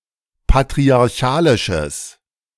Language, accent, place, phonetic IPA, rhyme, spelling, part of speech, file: German, Germany, Berlin, [patʁiaʁˈçaːlɪʃəs], -aːlɪʃəs, patriarchalisches, adjective, De-patriarchalisches.ogg
- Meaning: strong/mixed nominative/accusative neuter singular of patriarchalisch